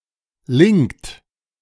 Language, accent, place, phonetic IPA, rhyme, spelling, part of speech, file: German, Germany, Berlin, [lɪŋkt], -ɪŋkt, linkt, verb, De-linkt.ogg
- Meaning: inflection of linken: 1. second-person plural present 2. third-person singular present 3. plural imperative